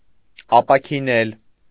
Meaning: to heal
- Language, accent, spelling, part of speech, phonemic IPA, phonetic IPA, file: Armenian, Eastern Armenian, ապաքինել, verb, /ɑpɑkʰiˈnel/, [ɑpɑkʰinél], Hy-ապաքինել.ogg